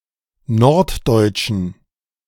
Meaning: inflection of norddeutsch: 1. strong genitive masculine/neuter singular 2. weak/mixed genitive/dative all-gender singular 3. strong/weak/mixed accusative masculine singular 4. strong dative plural
- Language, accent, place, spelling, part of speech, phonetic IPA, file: German, Germany, Berlin, norddeutschen, adjective, [ˈnɔʁtˌdɔɪ̯t͡ʃn̩], De-norddeutschen.ogg